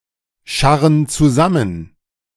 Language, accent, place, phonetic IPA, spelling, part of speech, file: German, Germany, Berlin, [ˌʃaʁən t͡suˈzamən], scharren zusammen, verb, De-scharren zusammen.ogg
- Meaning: inflection of zusammenscharren: 1. first/third-person plural present 2. first/third-person plural subjunctive I